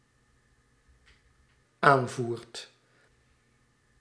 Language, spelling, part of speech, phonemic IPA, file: Dutch, aanvoert, verb, /ˈaɱvurt/, Nl-aanvoert.ogg
- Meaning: second/third-person singular dependent-clause present indicative of aanvoeren